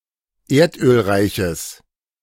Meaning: strong/mixed nominative/accusative neuter singular of erdölreich
- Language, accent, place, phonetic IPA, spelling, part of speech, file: German, Germany, Berlin, [ˈeːɐ̯tʔøːlˌʁaɪ̯çəs], erdölreiches, adjective, De-erdölreiches.ogg